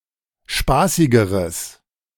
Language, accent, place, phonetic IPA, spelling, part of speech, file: German, Germany, Berlin, [ˈʃpaːsɪɡəʁəs], spaßigeres, adjective, De-spaßigeres.ogg
- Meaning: strong/mixed nominative/accusative neuter singular comparative degree of spaßig